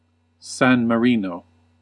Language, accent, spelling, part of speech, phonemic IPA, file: English, US, San Marino, proper noun, /ˌsæn məˈɹi.noʊ/, En-us-San Marino.ogg
- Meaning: 1. A landlocked microstate in Southern Europe, located within the borders of Italy. Official name: Republic of San Marino 2. The capital city of San Marino